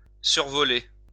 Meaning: 1. to fly over 2. to skip through, to browse quickly 3. to fly high
- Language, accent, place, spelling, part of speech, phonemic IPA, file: French, France, Lyon, survoler, verb, /syʁ.vɔ.le/, LL-Q150 (fra)-survoler.wav